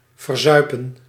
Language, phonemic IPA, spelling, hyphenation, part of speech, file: Dutch, /vərˈzœy̯pə(n)/, verzuipen, ver‧zui‧pen, verb, Nl-verzuipen.ogg
- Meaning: 1. to drown 2. to spend on drinking alcoholic drinks